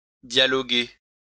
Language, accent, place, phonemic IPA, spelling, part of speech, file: French, France, Lyon, /dja.lɔ.ɡe/, dialoguer, verb, LL-Q150 (fra)-dialoguer.wav
- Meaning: to dialogue, discuss, negotiate